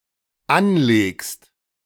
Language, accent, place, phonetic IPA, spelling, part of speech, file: German, Germany, Berlin, [ˈanˌleːkst], anlegst, verb, De-anlegst.ogg
- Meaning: second-person singular dependent present of anlegen